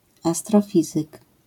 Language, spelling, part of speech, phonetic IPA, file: Polish, astrofizyk, noun, [ˌastrɔˈfʲizɨk], LL-Q809 (pol)-astrofizyk.wav